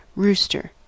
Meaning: 1. A male domestic chicken (Gallus gallus domesticus) or other gallinaceous bird 2. A bird or bat which roosts or is roosting 3. An informer 4. A violent or disorderly person
- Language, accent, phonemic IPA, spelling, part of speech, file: English, US, /ˈɹustɚ/, rooster, noun, En-us-rooster.ogg